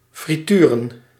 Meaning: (verb) to deep-fry; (noun) 1. plural of frituur 2. plural of friture
- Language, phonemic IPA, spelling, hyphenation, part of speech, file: Dutch, /friˈtyːrə(n)/, frituren, fri‧tu‧ren, verb / noun, Nl-frituren.ogg